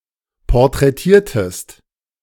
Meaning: inflection of porträtieren: 1. second-person singular preterite 2. second-person singular subjunctive II
- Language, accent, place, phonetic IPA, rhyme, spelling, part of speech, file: German, Germany, Berlin, [pɔʁtʁɛˈtiːɐ̯təst], -iːɐ̯təst, porträtiertest, verb, De-porträtiertest.ogg